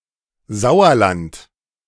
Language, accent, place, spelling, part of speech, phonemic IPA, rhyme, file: German, Germany, Berlin, Sauerland, proper noun, /ˈzaʊ̯ɐlant/, -ant, De-Sauerland.ogg
- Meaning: Sauerland (a hilly region of Westphalia, North Rhine-Westphalia)